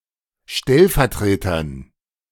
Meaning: dative plural of Stellvertreter
- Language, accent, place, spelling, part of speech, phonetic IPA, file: German, Germany, Berlin, Stellvertretern, noun, [ˈʃtɛlfɛɐ̯ˌtʁeːtɐn], De-Stellvertretern.ogg